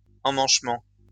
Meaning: 1. fitting, fit 2. press fit
- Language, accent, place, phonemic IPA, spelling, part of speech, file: French, France, Lyon, /ɑ̃.mɑ̃ʃ.mɑ̃/, emmanchement, noun, LL-Q150 (fra)-emmanchement.wav